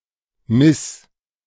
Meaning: singular imperative of messen
- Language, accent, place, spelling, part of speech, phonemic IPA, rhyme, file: German, Germany, Berlin, miss, verb, /mɪs/, -ɪs, De-miss.ogg